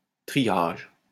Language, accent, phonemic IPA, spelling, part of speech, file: French, France, /tʁi.jaʒ/, triage, noun, LL-Q150 (fra)-triage.wav
- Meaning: 1. triage; sorting 2. classification, marshalling 3. classification yard, marshalling yard 4. the smallest unit of forest in the ancien régime